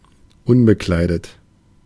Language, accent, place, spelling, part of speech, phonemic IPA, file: German, Germany, Berlin, unbekleidet, adjective, /ˈʊnbəˌklaɪ̯dət/, De-unbekleidet.ogg
- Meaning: unclothed, undressed, naked